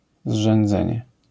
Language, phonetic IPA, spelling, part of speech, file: Polish, [zʒɛ̃nˈd͡zɛ̃ɲɛ], zrzędzenie, noun, LL-Q809 (pol)-zrzędzenie.wav